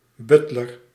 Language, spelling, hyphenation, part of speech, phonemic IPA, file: Dutch, butler, but‧ler, noun, /ˈbʏt.lər/, Nl-butler.ogg
- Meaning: a butler (chief male servant of a household; valet; booze manservant)